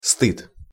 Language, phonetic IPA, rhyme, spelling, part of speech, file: Russian, [stɨt], -ɨt, стыд, noun, Ru-стыд.ogg
- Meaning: 1. shame 2. embarrassment